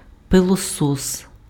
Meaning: vacuum cleaner
- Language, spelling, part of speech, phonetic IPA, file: Ukrainian, пилосос, noun, [peɫɔˈsɔs], Uk-пилосос.ogg